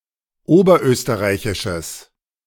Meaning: strong/mixed nominative/accusative neuter singular of oberösterreichisch
- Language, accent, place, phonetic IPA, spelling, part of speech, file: German, Germany, Berlin, [ˈoːbɐˌʔøːstəʁaɪ̯çɪʃəs], oberösterreichisches, adjective, De-oberösterreichisches.ogg